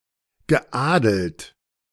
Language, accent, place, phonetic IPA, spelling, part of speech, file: German, Germany, Berlin, [ɡəˈʔaːdəlt], geadelt, verb, De-geadelt.ogg
- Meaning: past participle of adeln